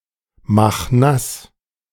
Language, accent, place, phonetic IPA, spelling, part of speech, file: German, Germany, Berlin, [ˌmax ˈnas], mach nass, verb, De-mach nass.ogg
- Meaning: 1. singular imperative of nassmachen 2. first-person singular present of nassmachen